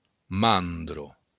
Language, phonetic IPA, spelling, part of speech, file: Occitan, [ˈmandɾo], mandra, noun, LL-Q942602-mandra.wav
- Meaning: fox